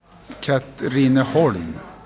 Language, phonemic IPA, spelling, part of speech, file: Swedish, /katriːnɛˈhɔlm/, Katrineholm, proper noun, Sv-Katrineholm.ogg
- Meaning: a small town in Södermanland, in central Sweden